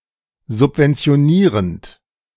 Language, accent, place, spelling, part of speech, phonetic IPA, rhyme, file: German, Germany, Berlin, subventionierend, verb, [zʊpvɛnt͡si̯oˈniːʁənt], -iːʁənt, De-subventionierend.ogg
- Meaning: present participle of subventionieren